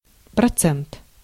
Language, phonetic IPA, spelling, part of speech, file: Russian, [prɐˈt͡sɛnt], процент, noun, Ru-процент.ogg
- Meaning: 1. percent 2. percentage (fraction or share) 3. interest, rate; interest income